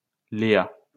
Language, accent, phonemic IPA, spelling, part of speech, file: French, France, /le.a/, Léa, proper noun, LL-Q150 (fra)-Léa.wav
- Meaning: 1. Leah (biblical character) 2. a female given name